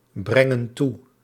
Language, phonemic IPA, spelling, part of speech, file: Dutch, /ˈbrɛŋə(n) ˈtu/, brengen toe, verb, Nl-brengen toe.ogg
- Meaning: inflection of toebrengen: 1. plural present indicative 2. plural present subjunctive